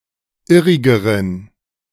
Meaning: inflection of irrig: 1. strong genitive masculine/neuter singular comparative degree 2. weak/mixed genitive/dative all-gender singular comparative degree
- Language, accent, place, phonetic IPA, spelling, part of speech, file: German, Germany, Berlin, [ˈɪʁɪɡəʁən], irrigeren, adjective, De-irrigeren.ogg